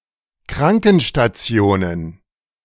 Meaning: plural of Krankenstation
- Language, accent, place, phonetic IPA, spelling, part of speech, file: German, Germany, Berlin, [ˈkʁaŋkn̩ʃtaˌt͡si̯oːnən], Krankenstationen, noun, De-Krankenstationen.ogg